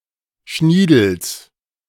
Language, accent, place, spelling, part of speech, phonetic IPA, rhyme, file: German, Germany, Berlin, Schniedels, noun, [ˈʃniːdl̩s], -iːdl̩s, De-Schniedels.ogg
- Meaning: genitive singular of Schniedel